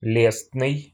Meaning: complimentary
- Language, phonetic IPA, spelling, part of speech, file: Russian, [ˈlʲesnɨj], лестный, adjective, Ru-ле́стный.ogg